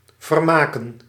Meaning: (verb) 1. to entertain, to amuse 2. to amuse oneself 3. to renovate, to restore 4. to adjust, to alter 5. to bequeath, to will; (noun) plural of vermaak
- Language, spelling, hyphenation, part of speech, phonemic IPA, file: Dutch, vermaken, ver‧ma‧ken, verb / noun, /vərˈmaːkə(n)/, Nl-vermaken.ogg